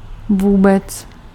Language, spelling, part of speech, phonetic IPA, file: Czech, vůbec, adverb, [ˈvuːbɛt͡s], Cs-vůbec.ogg
- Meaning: at all